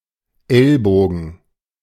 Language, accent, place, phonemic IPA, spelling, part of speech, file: German, Germany, Berlin, /ˈɛlˌboːɡn̩/, Ellbogen, noun, De-Ellbogen.ogg
- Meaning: elbow